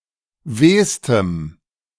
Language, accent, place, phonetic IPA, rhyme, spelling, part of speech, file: German, Germany, Berlin, [ˈveːstəm], -eːstəm, wehstem, adjective, De-wehstem.ogg
- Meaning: strong dative masculine/neuter singular superlative degree of weh